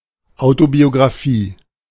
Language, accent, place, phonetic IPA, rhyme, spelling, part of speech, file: German, Germany, Berlin, [aʊ̯tobioɡʁaˈfiː], -iː, Autobiographie, noun, De-Autobiographie.ogg
- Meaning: alternative spelling of Autobiografie